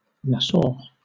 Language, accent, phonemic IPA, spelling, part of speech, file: English, Southern England, /ˈnæsɔː/, Nassau, proper noun / noun, LL-Q1860 (eng)-Nassau.wav
- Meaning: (proper noun) 1. A city in Rhineland-Palatinate, Germany 2. The capital city of the Bahamas 3. The capital city of the Bahamas.: The Bahamian government